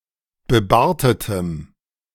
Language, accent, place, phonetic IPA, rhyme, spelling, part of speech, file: German, Germany, Berlin, [bəˈbaːɐ̯tətəm], -aːɐ̯tətəm, bebartetem, adjective, De-bebartetem.ogg
- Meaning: strong dative masculine/neuter singular of bebartet